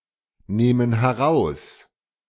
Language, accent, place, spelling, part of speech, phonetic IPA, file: German, Germany, Berlin, nehmen heraus, verb, [ˌneːmən hɛˈʁaʊ̯s], De-nehmen heraus.ogg
- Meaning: inflection of herausnehmen: 1. first/third-person plural present 2. first/third-person plural subjunctive I